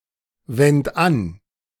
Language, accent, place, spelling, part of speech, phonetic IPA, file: German, Germany, Berlin, wend an, verb, [ˌvɛnt ˈan], De-wend an.ogg
- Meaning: singular imperative of anwenden